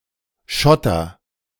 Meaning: inflection of schottern: 1. first-person singular present 2. singular imperative
- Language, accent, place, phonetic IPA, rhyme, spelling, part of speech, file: German, Germany, Berlin, [ˈʃɔtɐ], -ɔtɐ, schotter, verb, De-schotter.ogg